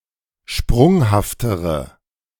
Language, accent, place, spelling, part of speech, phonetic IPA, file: German, Germany, Berlin, sprunghaftere, adjective, [ˈʃpʁʊŋhaftəʁə], De-sprunghaftere.ogg
- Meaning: inflection of sprunghaft: 1. strong/mixed nominative/accusative feminine singular comparative degree 2. strong nominative/accusative plural comparative degree